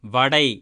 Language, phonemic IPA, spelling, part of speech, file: Tamil, /ʋɐɖɐɪ̯/, வடை, noun, Ta-வடை.ogg
- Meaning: vada (an Indian snack)